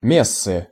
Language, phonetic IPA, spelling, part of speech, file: Russian, [ˈmʲesːɨ], мессы, noun, Ru-мессы.ogg
- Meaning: inflection of ме́сса (méssa): 1. genitive singular 2. nominative/accusative plural